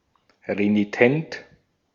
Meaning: renitent, recalcitrant
- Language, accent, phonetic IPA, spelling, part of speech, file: German, Austria, [ʁeniˈtɛnt], renitent, adjective, De-at-renitent.ogg